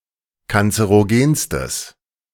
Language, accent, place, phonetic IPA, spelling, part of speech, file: German, Germany, Berlin, [kant͡səʁoˈɡeːnstəs], kanzerogenstes, adjective, De-kanzerogenstes.ogg
- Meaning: strong/mixed nominative/accusative neuter singular superlative degree of kanzerogen